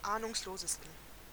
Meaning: 1. superlative degree of ahnungslos 2. inflection of ahnungslos: strong genitive masculine/neuter singular superlative degree
- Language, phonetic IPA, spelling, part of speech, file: German, [ˈaːnʊŋsloːzəstn̩], ahnungslosesten, adjective, De-ahnungslosesten.oga